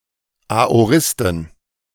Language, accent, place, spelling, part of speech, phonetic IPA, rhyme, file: German, Germany, Berlin, Aoristen, noun, [aoˈʁɪstn̩], -ɪstn̩, De-Aoristen.ogg
- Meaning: dative plural of Aorist